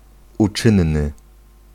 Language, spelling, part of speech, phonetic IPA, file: Polish, uczynny, adjective, [uˈt͡ʃɨ̃nːɨ], Pl-uczynny.ogg